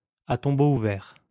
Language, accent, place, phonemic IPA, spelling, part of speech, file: French, France, Lyon, /a tɔ̃.bo u.vɛʁ/, à tombeau ouvert, adverb, LL-Q150 (fra)-à tombeau ouvert.wav
- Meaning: at breakneck speed, hell-for-leather